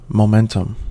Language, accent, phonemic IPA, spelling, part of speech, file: English, US, /ˌmoʊˈmɛntəm/, momentum, noun, En-us-momentum.ogg
- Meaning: Of a body in motion: the tendency of a body to maintain its inertial motion; the product of its mass and velocity, or the vector sum of the products of its masses and velocities